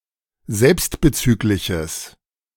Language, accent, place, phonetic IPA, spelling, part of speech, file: German, Germany, Berlin, [ˈzɛlpstbəˌt͡syːklɪçəs], selbstbezügliches, adjective, De-selbstbezügliches.ogg
- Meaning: strong/mixed nominative/accusative neuter singular of selbstbezüglich